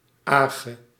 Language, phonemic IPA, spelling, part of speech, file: Dutch, /ˈaː.ʒə/, -age, suffix, Nl--age.ogg
- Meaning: Creates nouns from verbs and from other nouns. It denotes: 1. action 2. collectivity 3. result of an action